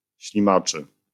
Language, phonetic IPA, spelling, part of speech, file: Polish, [ɕlʲĩˈmat͡ʃɨ], ślimaczy, adjective, LL-Q809 (pol)-ślimaczy.wav